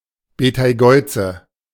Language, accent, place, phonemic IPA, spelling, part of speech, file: German, Germany, Berlin, /ˌbetaɪ̯ˈɡɔʏ̯t͡sə/, Beteigeuze, proper noun, De-Beteigeuze.ogg
- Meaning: Betelgeuse